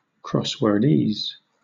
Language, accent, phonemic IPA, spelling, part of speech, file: English, Southern England, /ˌkɹɒswɜː(ɹ)ˈdiːz/, crosswordese, noun, LL-Q1860 (eng)-crosswordese.wav
- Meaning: The jargon of crossword puzzle clues or answers, often consisting of rare, archaic, or dialectal words